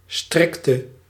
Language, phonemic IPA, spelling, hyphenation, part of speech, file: Dutch, /ˈstrɪk.tə/, strikte, strik‧te, verb / adjective, Nl-strikte.ogg
- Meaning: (verb) inflection of strikken: 1. singular past indicative 2. singular past subjunctive; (adjective) inflection of strikt: masculine/feminine singular attributive